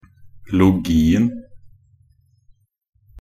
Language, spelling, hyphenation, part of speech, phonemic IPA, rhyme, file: Norwegian Bokmål, -logien, -lo‧gi‧en, suffix, /lʊˈɡiːn̩/, -iːn̩, Nb--logien.ogg
- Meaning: definite singular of -logi